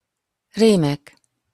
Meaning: nominative plural of rém
- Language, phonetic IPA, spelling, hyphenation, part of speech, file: Hungarian, [ˈreːmɛk], rémek, ré‧mek, noun, Hu-rémek.opus